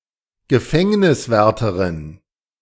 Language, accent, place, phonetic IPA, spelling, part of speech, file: German, Germany, Berlin, [ɡəˈfɛŋnɪsvɛʁtəʁɪn], Gefängniswärterin, noun, De-Gefängniswärterin.ogg
- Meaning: prison warder